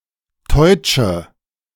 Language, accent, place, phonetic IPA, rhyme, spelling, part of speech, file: German, Germany, Berlin, [tɔɪ̯t͡ʃə], -ɔɪ̯t͡ʃə, teutsche, adjective, De-teutsche.ogg
- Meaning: inflection of teutsch: 1. strong/mixed nominative/accusative feminine singular 2. strong nominative/accusative plural 3. weak nominative all-gender singular 4. weak accusative feminine/neuter singular